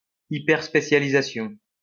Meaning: hyperspecialization
- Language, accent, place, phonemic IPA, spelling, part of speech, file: French, France, Lyon, /i.pɛʁ.spe.sja.li.za.sjɔ̃/, hyperspécialisation, noun, LL-Q150 (fra)-hyperspécialisation.wav